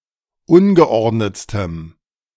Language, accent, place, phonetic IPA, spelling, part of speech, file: German, Germany, Berlin, [ˈʊnɡəˌʔɔʁdnət͡stəm], ungeordnetstem, adjective, De-ungeordnetstem.ogg
- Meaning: strong dative masculine/neuter singular superlative degree of ungeordnet